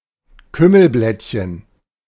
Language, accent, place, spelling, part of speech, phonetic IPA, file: German, Germany, Berlin, Kümmelblättchen, noun, [ˈkʏməlˌblɛtçən], De-Kümmelblättchen.ogg
- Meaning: three-card monte